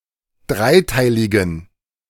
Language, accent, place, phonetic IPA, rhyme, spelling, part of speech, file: German, Germany, Berlin, [ˈdʁaɪ̯ˌtaɪ̯lɪɡn̩], -aɪ̯taɪ̯lɪɡn̩, dreiteiligen, adjective, De-dreiteiligen.ogg
- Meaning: inflection of dreiteilig: 1. strong genitive masculine/neuter singular 2. weak/mixed genitive/dative all-gender singular 3. strong/weak/mixed accusative masculine singular 4. strong dative plural